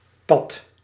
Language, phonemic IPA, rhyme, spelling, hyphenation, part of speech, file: Dutch, /pɑt/, -ɑt, pat, pat, noun, Nl-pat.ogg
- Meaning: 1. tie, draw, stalemate 2. the slot in the frame that accepts the axle of the wheel; dropout